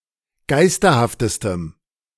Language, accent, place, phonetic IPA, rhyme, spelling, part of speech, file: German, Germany, Berlin, [ˈɡaɪ̯stɐhaftəstəm], -aɪ̯stɐhaftəstəm, geisterhaftestem, adjective, De-geisterhaftestem.ogg
- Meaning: strong dative masculine/neuter singular superlative degree of geisterhaft